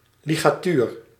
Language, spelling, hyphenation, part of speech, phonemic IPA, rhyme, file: Dutch, ligatuur, li‧ga‧tuur, noun, /ˌli.ɣaːˈtyːr/, -yːr, Nl-ligatuur.ogg
- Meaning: 1. a ligature (character combining multiple letters) 2. a ligature (musical symbol connecting multiple notes) 3. a ligature (something blocking the flow of a fluid in a body)